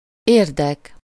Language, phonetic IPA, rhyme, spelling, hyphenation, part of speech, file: Hungarian, [ˈeːrdɛk], -ɛk, érdek, ér‧dek, noun, Hu-érdek.ogg
- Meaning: interest (an involvement, claim, right, share, stake in or link with a financial, business, or other undertaking or endeavor)